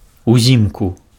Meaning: in the winter
- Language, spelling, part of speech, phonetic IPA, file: Belarusian, узімку, adverb, [uˈzʲimku], Be-узімку.ogg